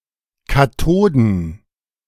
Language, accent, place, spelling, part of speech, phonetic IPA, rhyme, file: German, Germany, Berlin, Katoden, noun, [kaˈtoːdn̩], -oːdn̩, De-Katoden.ogg
- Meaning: plural of Katode